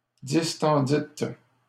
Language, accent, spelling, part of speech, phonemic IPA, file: French, Canada, distendîtes, verb, /dis.tɑ̃.dit/, LL-Q150 (fra)-distendîtes.wav
- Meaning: second-person plural past historic of distendre